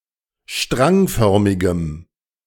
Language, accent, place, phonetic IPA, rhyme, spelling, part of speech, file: German, Germany, Berlin, [ˈʃtʁaŋˌfœʁmɪɡəm], -aŋfœʁmɪɡəm, strangförmigem, adjective, De-strangförmigem.ogg
- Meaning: strong dative masculine/neuter singular of strangförmig